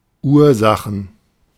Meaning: 1. nominative plural of Ursache 2. genitive plural of Ursache 3. dative plural of Ursache 4. accusative plural of Ursache
- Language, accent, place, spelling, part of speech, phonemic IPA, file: German, Germany, Berlin, Ursachen, noun, /ˈuːɐ̯ˌzaxən/, De-Ursachen.ogg